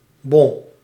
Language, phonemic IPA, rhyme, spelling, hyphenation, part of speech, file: Dutch, /bɔn/, -ɔn, bon, bon, noun, Nl-bon.ogg
- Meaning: 1. receipt 2. ticket, fine (e.g. for speeding) 3. voucher